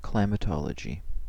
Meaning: The science that deals with climates, and investigates their phenomena and causes
- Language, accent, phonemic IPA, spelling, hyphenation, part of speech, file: English, US, /klaɪ.mɪˈtɑ.lə.d͡ʒi/, climatology, cli‧ma‧to‧lo‧gy, noun, En-us-climatology.ogg